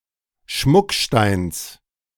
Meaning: genitive singular of Schmuckstein
- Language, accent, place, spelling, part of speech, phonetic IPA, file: German, Germany, Berlin, Schmucksteins, noun, [ˈʃmʊkˌʃtaɪ̯ns], De-Schmucksteins.ogg